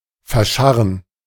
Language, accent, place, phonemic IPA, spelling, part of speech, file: German, Germany, Berlin, /fɛɐ̯ˈʃaʁən/, verscharren, verb, De-verscharren.ogg
- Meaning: 1. to scratch 2. to superficially bury